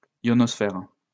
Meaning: ionospheric
- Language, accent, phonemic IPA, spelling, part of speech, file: French, France, /jɔ.nɔs.fe.ʁik/, ionosphérique, adjective, LL-Q150 (fra)-ionosphérique.wav